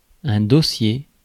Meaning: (noun) 1. back of furniture, to rest the sitter's back on 2. dossier 3. folder 4. an organizer to keep papers in, to be stored as a single unit in a filing cabinet, see folder 5. case, notably legal
- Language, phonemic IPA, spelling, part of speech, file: French, /do.sje/, dossier, noun / adjective, Fr-dossier.ogg